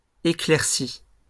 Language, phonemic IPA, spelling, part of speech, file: French, /e.klɛʁ.si/, éclaircies, verb, LL-Q150 (fra)-éclaircies.wav
- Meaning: feminine plural of éclairci